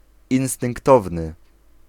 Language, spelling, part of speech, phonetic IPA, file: Polish, instynktowny, adjective, [ˌĩw̃stɨ̃ŋkˈtɔvnɨ], Pl-instynktowny.ogg